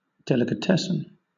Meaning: 1. A shop that sells cooked or prepared foods ready for serving 2. Delicacies; exotic or expensive foods
- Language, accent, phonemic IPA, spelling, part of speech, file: English, Southern England, /ˌdɛlɪkəˈtɛsən/, delicatessen, noun, LL-Q1860 (eng)-delicatessen.wav